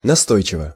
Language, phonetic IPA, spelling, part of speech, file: Russian, [nɐˈstojt͡ɕɪvə], настойчиво, adverb, Ru-настойчиво.ogg
- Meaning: persistently, obstinately